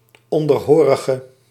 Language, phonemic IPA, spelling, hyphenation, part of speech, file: Dutch, /ˌɔndərˈɦoːrəɣə/, onderhorige, on‧der‧ho‧ri‧ge, noun, Nl-onderhorige.ogg
- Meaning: 1. subordinate 2. slave